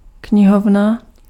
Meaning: 1. library 2. bookcase
- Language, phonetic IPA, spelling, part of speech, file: Czech, [ˈkɲɪɦovna], knihovna, noun, Cs-knihovna.ogg